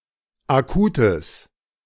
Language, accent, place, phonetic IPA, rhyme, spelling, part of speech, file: German, Germany, Berlin, [aˈkuːtəs], -uːtəs, Akutes, noun, De-Akutes.ogg
- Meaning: genitive of Akut